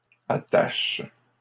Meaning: second-person singular present indicative/subjunctive of attacher
- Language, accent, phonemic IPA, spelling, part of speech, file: French, Canada, /a.taʃ/, attaches, verb, LL-Q150 (fra)-attaches.wav